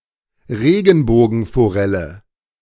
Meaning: rainbow trout (Oncorhynchus mykiss)
- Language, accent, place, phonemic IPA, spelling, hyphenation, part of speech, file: German, Germany, Berlin, /ˈʁeːɡn̩boːɡn̩foˌʁɛlə/, Regenbogenforelle, Re‧gen‧bo‧gen‧fo‧rel‧le, noun, De-Regenbogenforelle.ogg